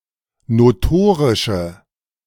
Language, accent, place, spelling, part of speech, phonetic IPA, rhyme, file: German, Germany, Berlin, notorische, adjective, [noˈtoːʁɪʃə], -oːʁɪʃə, De-notorische.ogg
- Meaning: inflection of notorisch: 1. strong/mixed nominative/accusative feminine singular 2. strong nominative/accusative plural 3. weak nominative all-gender singular